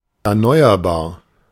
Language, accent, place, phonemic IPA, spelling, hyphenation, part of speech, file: German, Germany, Berlin, /ɛɐ̯ˈnɔɪ̯ɐbaːɐ̯/, erneuerbar, er‧neu‧er‧bar, adjective, De-erneuerbar.ogg
- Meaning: renewable, sustainable